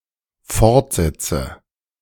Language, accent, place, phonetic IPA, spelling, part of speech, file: German, Germany, Berlin, [ˈfɔʁtˌzɛt͡sə], fortsetze, verb, De-fortsetze.ogg
- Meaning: inflection of fortsetzen: 1. first-person singular dependent present 2. first/third-person singular dependent subjunctive I